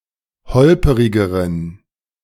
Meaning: inflection of holperig: 1. strong genitive masculine/neuter singular comparative degree 2. weak/mixed genitive/dative all-gender singular comparative degree
- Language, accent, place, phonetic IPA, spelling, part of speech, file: German, Germany, Berlin, [ˈhɔlpəʁɪɡəʁən], holperigeren, adjective, De-holperigeren.ogg